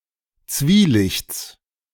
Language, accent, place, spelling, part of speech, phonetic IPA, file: German, Germany, Berlin, Zwielichts, noun, [ˈt͡sviːˌlɪçt͡s], De-Zwielichts.ogg
- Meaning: genitive singular of Zwielicht